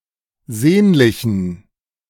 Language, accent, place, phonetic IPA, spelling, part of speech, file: German, Germany, Berlin, [ˈzeːnlɪçn̩], sehnlichen, adjective, De-sehnlichen.ogg
- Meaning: inflection of sehnlich: 1. strong genitive masculine/neuter singular 2. weak/mixed genitive/dative all-gender singular 3. strong/weak/mixed accusative masculine singular 4. strong dative plural